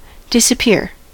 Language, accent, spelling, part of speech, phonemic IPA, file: English, US, disappear, verb, /dɪsəˈpɪɹ/, En-us-disappear.ogg
- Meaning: 1. To vanish 2. To go missing; to become a missing person 3. To go away; to become lost 4. To make vanish; especially, to abduct or murder for political reasons